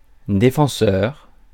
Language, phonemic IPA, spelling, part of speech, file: French, /de.fɑ̃.sœʁ/, défenseur, noun, Fr-défenseur.ogg
- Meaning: 1. defender 2. defenseman (US), defenceman (Canada)